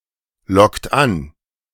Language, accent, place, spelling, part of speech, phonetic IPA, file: German, Germany, Berlin, lockt an, verb, [ˌlɔkt ˈan], De-lockt an.ogg
- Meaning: inflection of anlocken: 1. second-person plural present 2. third-person singular present 3. plural imperative